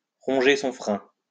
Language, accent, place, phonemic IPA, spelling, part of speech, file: French, France, Lyon, /ʁɔ̃.ʒe sɔ̃ fʁɛ̃/, ronger son frein, verb, LL-Q150 (fra)-ronger son frein.wav
- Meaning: to champ at the bit, to smolder